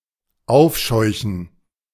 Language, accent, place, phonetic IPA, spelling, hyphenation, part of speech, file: German, Germany, Berlin, [ˈaʊ̯fʃɔɪ̯çn̩], aufscheuchen, auf‧scheu‧chen, verb, De-aufscheuchen.ogg
- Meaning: to scare up (animals), to flush (birds), to startle